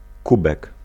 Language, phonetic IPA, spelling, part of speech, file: Polish, [ˈkubɛk], kubek, noun, Pl-kubek.ogg